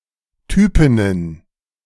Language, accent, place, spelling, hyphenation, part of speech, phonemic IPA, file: German, Germany, Berlin, Typinnen, Ty‧pin‧nen, noun, /ˈtyːpɪnən/, De-Typinnen.ogg
- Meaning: plural of Typin